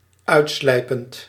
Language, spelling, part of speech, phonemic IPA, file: Dutch, uitslijpend, verb, /ˈœy̯tˌslɛi̯pənt/, Nl-uitslijpend.ogg
- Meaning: present participle of uitslijpen